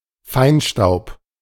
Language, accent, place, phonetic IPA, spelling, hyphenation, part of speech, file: German, Germany, Berlin, [ˈfaɪ̯nˌʃtaʊ̯p], Feinstaub, Fein‧staub, noun, De-Feinstaub.ogg
- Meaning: particulate matter, particulates